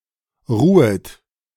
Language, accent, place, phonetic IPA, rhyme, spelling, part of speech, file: German, Germany, Berlin, [ˈʁuːət], -uːət, ruhet, verb, De-ruhet.ogg
- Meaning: second-person plural subjunctive I of ruhen